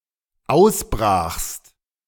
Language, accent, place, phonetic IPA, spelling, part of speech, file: German, Germany, Berlin, [ˈaʊ̯sˌbʁaːxst], ausbrachst, verb, De-ausbrachst.ogg
- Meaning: second-person singular dependent preterite of ausbrechen